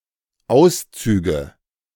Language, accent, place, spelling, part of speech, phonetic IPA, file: German, Germany, Berlin, Auszüge, noun, [ˈaʊ̯sˌt͡syːɡə], De-Auszüge.ogg
- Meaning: nominative/accusative/genitive plural of Auszug